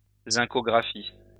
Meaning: zincography
- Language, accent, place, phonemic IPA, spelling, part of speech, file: French, France, Lyon, /zɛ̃.kɔ.ɡʁa.fi/, zincographie, noun, LL-Q150 (fra)-zincographie.wav